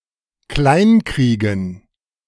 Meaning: to break (psychologically)
- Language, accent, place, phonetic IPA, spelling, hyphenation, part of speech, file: German, Germany, Berlin, [ˈklaɪ̯nˌkʁiːɡn̩], kleinkriegen, klein‧krie‧gen, verb, De-kleinkriegen.ogg